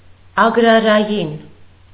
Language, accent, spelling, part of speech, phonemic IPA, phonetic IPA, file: Armenian, Eastern Armenian, ագրարային, adjective, /ɑɡɾɑɾɑˈjin/, [ɑɡɾɑɾɑjín], Hy-ագրարային.ogg
- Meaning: agrarian